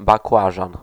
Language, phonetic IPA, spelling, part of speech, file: Polish, [bakˈwaʒãn], bakłażan, noun, Pl-bakłażan.ogg